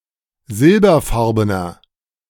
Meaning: inflection of silberfarben: 1. strong/mixed nominative masculine singular 2. strong genitive/dative feminine singular 3. strong genitive plural
- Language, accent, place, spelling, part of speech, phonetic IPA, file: German, Germany, Berlin, silberfarbener, adjective, [ˈzɪlbɐˌfaʁbənɐ], De-silberfarbener.ogg